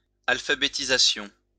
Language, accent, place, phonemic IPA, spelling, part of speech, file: French, France, Lyon, /al.fa.be.ti.za.sjɔ̃/, alphabétisation, noun, LL-Q150 (fra)-alphabétisation.wav
- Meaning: 1. elimination of illiteracy, the process of learning to write and to read (and to compute) 2. alphabetization